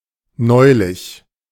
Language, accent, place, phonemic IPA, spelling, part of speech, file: German, Germany, Berlin, /ˈnɔɪ̯lɪç/, neulich, adverb, De-neulich.ogg
- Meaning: recently (in the recent past)